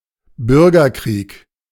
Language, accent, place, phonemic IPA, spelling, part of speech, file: German, Germany, Berlin, /ˈbʏʁɡɐˌkʁiːk/, Bürgerkrieg, noun, De-Bürgerkrieg.ogg
- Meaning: civil war